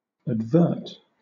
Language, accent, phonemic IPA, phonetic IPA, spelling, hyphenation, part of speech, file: English, Southern England, /ædvˈɜːt/, [ædvˈɜːt], advert, ad‧vert, verb, LL-Q1860 (eng)-advert.wav
- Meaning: 1. To take notice, to pay attention (to) 2. To turn attention to, to take notice of (something)